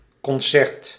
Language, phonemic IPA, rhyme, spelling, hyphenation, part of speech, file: Dutch, /kɔnˈsɛrt/, -ɛrt, concert, con‧cert, noun, Nl-concert.ogg
- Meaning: concert (musical entertainment)